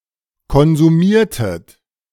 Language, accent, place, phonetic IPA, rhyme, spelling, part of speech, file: German, Germany, Berlin, [kɔnzuˈmiːɐ̯tət], -iːɐ̯tət, konsumiertet, verb, De-konsumiertet.ogg
- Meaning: inflection of konsumieren: 1. second-person plural preterite 2. second-person plural subjunctive II